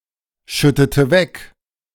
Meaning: inflection of wegschütten: 1. first/third-person singular preterite 2. first/third-person singular subjunctive II
- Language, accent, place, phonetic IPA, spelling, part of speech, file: German, Germany, Berlin, [ˌʃʏtətə ˈvɛk], schüttete weg, verb, De-schüttete weg.ogg